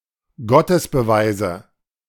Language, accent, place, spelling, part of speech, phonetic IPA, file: German, Germany, Berlin, Gottesbeweise, noun, [ˈɡɔtəsbəˌvaɪ̯zə], De-Gottesbeweise.ogg
- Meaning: nominative/accusative/genitive plural of Gottesbeweis